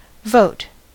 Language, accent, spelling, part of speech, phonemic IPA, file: English, General American, vote, noun / verb, /voʊt/, En-us-vote.ogg
- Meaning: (noun) A formalized choice on legally relevant measures such as employment or appointment to office or a proceeding about a legal dispute